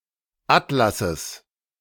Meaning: genitive singular of Atlas
- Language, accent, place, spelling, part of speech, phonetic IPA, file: German, Germany, Berlin, Atlasses, noun, [ˈatlasəs], De-Atlasses.ogg